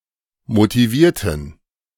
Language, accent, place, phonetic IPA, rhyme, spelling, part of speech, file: German, Germany, Berlin, [motiˈviːɐ̯tn̩], -iːɐ̯tn̩, motivierten, adjective / verb, De-motivierten.ogg
- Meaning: inflection of motivieren: 1. first/third-person plural preterite 2. first/third-person plural subjunctive II